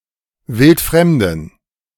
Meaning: strong dative masculine/neuter singular of wildfremd
- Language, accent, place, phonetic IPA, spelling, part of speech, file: German, Germany, Berlin, [ˈvɪltˈfʁɛmdəm], wildfremdem, adjective, De-wildfremdem.ogg